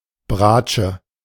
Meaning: viola
- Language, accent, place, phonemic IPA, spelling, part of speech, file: German, Germany, Berlin, /ˈbʁaːtʃə/, Bratsche, noun, De-Bratsche.ogg